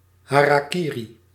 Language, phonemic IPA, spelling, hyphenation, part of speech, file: Dutch, /ˌɦaː.raːˈki.ri/, harakiri, ha‧ra‧ki‧ri, noun, Nl-harakiri.ogg
- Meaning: hara-kiri